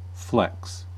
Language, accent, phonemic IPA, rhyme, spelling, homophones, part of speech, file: English, US, /flɛks/, -ɛks, flex, flecks, noun / verb, En-us-flex.ogg
- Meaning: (noun) 1. Flexibility, pliancy 2. An act of flexing 3. Any flexible insulated electrical wiring 4. A flexible insulated electrical cord